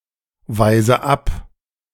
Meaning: inflection of abweisen: 1. first-person singular present 2. first/third-person singular subjunctive I 3. singular imperative
- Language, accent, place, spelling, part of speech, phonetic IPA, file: German, Germany, Berlin, weise ab, verb, [ˌvaɪ̯zə ˈap], De-weise ab.ogg